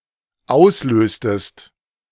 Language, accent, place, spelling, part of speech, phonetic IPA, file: German, Germany, Berlin, auslöstest, verb, [ˈaʊ̯sˌløːstəst], De-auslöstest.ogg
- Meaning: inflection of auslösen: 1. second-person singular dependent preterite 2. second-person singular dependent subjunctive II